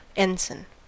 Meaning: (noun) 1. A badge of office, rank, or power 2. The lowest grade of commissioned officer in the United States Navy, junior to a lieutenant junior grade
- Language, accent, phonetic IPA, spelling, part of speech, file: English, US, [ˈɛn.sn̩], ensign, noun / verb, En-us-ensign.ogg